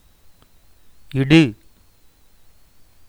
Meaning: 1. to lay, place 2. to put on ornaments, apply a paste or powder 3. to add 4. to sprinkle 5. to give, distribute
- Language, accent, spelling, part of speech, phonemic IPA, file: Tamil, India, இடு, verb, /ɪɖɯ/, Ta-இடு.oga